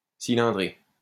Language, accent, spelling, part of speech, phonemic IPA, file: French, France, cylindrer, verb, /si.lɛ̃.dʁe/, LL-Q150 (fra)-cylindrer.wav
- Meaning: 1. to roll 2. to make into a cylinder shape